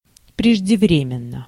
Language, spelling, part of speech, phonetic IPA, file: Russian, преждевременно, adverb, [prʲɪʐdʲɪˈvrʲemʲɪn(ː)ə], Ru-преждевременно.ogg
- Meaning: prematurely, in an untimely manner